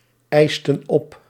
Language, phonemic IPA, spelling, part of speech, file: Dutch, /ˈɛistə(n) ˈɔp/, eisten op, verb, Nl-eisten op.ogg
- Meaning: inflection of opeisen: 1. plural past indicative 2. plural past subjunctive